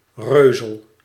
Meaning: lard (fat from the abdomen of a pig)
- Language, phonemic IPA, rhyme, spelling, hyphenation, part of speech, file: Dutch, /ˈrøːzəl/, -øːzəl, reuzel, reu‧zel, noun, Nl-reuzel.ogg